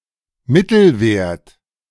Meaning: average, arithmetic mean
- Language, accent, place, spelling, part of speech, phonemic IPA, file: German, Germany, Berlin, Mittelwert, noun, /ˈmɪtl̩vɛʁt/, De-Mittelwert.ogg